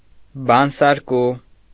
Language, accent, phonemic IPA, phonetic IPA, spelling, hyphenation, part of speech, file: Armenian, Eastern Armenian, /bɑnsɑɾˈku/, [bɑnsɑɾkú], բանսարկու, բան‧սար‧կու, noun, Hy-բանսարկու.ogg
- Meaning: 1. squealer, tattletale 2. troublemaker, squabbler